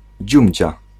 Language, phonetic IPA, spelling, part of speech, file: Polish, [ˈd͡ʑũmʲd͡ʑa], dziumdzia, noun, Pl-dziumdzia.ogg